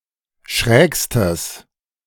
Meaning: strong/mixed nominative/accusative neuter singular superlative degree of schräg
- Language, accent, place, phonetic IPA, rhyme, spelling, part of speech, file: German, Germany, Berlin, [ˈʃʁɛːkstəs], -ɛːkstəs, schrägstes, adjective, De-schrägstes.ogg